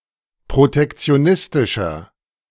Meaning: 1. comparative degree of protektionistisch 2. inflection of protektionistisch: strong/mixed nominative masculine singular 3. inflection of protektionistisch: strong genitive/dative feminine singular
- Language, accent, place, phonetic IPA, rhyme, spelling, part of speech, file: German, Germany, Berlin, [pʁotɛkt͡si̯oˈnɪstɪʃɐ], -ɪstɪʃɐ, protektionistischer, adjective, De-protektionistischer.ogg